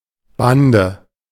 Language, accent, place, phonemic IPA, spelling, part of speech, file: German, Germany, Berlin, /ˈbandə/, Bande, noun, De-Bande.ogg
- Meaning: 1. gang (group of people united for some immoral or criminal objective) 2. group, squad, band 3. elevated boundary of a playing field; boards 4. obstacle presented by a regulatory framework